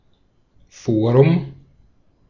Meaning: 1. forum 2. legal venue, territorially competent jurisdiction
- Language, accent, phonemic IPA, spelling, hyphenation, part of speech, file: German, Austria, /ˈfoːʁʊm/, Forum, Fo‧rum, noun, De-at-Forum.ogg